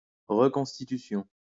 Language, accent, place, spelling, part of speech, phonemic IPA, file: French, France, Lyon, reconstitution, noun, /ʁə.kɔ̃s.ti.ty.sjɔ̃/, LL-Q150 (fra)-reconstitution.wav
- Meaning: 1. reconstitution 2. reenactment (of a historical event); reconstruction (of a crime) 3. replenishment